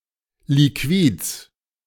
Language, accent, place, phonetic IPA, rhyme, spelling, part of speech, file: German, Germany, Berlin, [liˈkviːt͡s], -iːt͡s, Liquids, noun, De-Liquids.ogg
- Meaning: genitive of Liquid